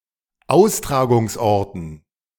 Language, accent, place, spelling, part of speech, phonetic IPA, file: German, Germany, Berlin, Austragungsorten, noun, [ˈaʊ̯stʁaːɡʊŋsˌʔɔʁtn̩], De-Austragungsorten.ogg
- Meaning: dative plural of Austragungsort